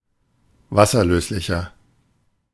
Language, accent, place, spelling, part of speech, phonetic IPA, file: German, Germany, Berlin, wasserlöslicher, adjective, [ˈvasɐˌløːslɪçɐ], De-wasserlöslicher.ogg
- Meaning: 1. comparative degree of wasserlöslich 2. inflection of wasserlöslich: strong/mixed nominative masculine singular 3. inflection of wasserlöslich: strong genitive/dative feminine singular